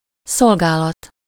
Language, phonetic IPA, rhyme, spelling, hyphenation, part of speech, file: Hungarian, [ˈsolɡaːlɒt], -ɒt, szolgálat, szol‧gá‧lat, noun, Hu-szolgálat.ogg
- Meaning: service, duty